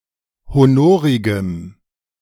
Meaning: strong dative masculine/neuter singular of honorig
- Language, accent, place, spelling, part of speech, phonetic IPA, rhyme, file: German, Germany, Berlin, honorigem, adjective, [hoˈnoːʁɪɡəm], -oːʁɪɡəm, De-honorigem.ogg